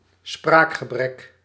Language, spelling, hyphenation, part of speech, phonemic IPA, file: Dutch, spraakgebrek, spraak‧ge‧brek, noun, /ˈsprakxəˌbrɛk/, Nl-spraakgebrek.ogg
- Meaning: speech disorder